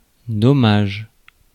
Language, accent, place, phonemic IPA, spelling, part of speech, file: French, France, Paris, /dɔ.maʒ/, dommage, noun / interjection, Fr-dommage.ogg
- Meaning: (noun) 1. damage 2. injury 3. a shame, a pity; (interjection) shame! what a pity! too bad!